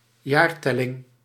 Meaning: calendar era, year numbering
- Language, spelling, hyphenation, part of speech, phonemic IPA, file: Dutch, jaartelling, jaar‧tel‧ling, noun, /ˈjaːrˌtɛ.lɪŋ/, Nl-jaartelling.ogg